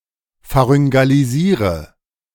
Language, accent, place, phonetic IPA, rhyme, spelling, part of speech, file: German, Germany, Berlin, [faʁʏŋɡaliˈziːʁə], -iːʁə, pharyngalisiere, verb, De-pharyngalisiere.ogg
- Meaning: inflection of pharyngalisieren: 1. first-person singular present 2. first/third-person singular subjunctive I 3. singular imperative